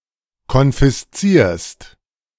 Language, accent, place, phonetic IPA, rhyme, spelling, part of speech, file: German, Germany, Berlin, [kɔnfɪsˈt͡siːɐ̯st], -iːɐ̯st, konfiszierst, verb, De-konfiszierst.ogg
- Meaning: second-person singular present of konfiszieren